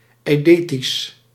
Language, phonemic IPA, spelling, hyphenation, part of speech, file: Dutch, /ˌɛi̯ˈdeː.tis/, eidetisch, ei‧de‧tisch, adjective, Nl-eidetisch.ogg
- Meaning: eidetic